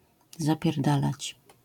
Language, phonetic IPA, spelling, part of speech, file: Polish, [ˌzapʲjɛrˈdalat͡ɕ], zapierdalać, verb, LL-Q809 (pol)-zapierdalać.wav